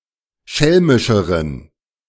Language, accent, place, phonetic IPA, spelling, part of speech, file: German, Germany, Berlin, [ˈʃɛlmɪʃəʁən], schelmischeren, adjective, De-schelmischeren.ogg
- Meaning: inflection of schelmisch: 1. strong genitive masculine/neuter singular comparative degree 2. weak/mixed genitive/dative all-gender singular comparative degree